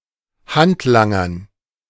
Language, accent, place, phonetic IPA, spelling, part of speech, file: German, Germany, Berlin, [ˈhantˌlaŋɐn], Handlangern, noun, De-Handlangern.ogg
- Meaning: dative plural of Handlanger